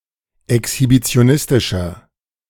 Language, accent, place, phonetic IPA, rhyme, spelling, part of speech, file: German, Germany, Berlin, [ɛkshibit͡si̯oˈnɪstɪʃɐ], -ɪstɪʃɐ, exhibitionistischer, adjective, De-exhibitionistischer.ogg
- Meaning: 1. comparative degree of exhibitionistisch 2. inflection of exhibitionistisch: strong/mixed nominative masculine singular 3. inflection of exhibitionistisch: strong genitive/dative feminine singular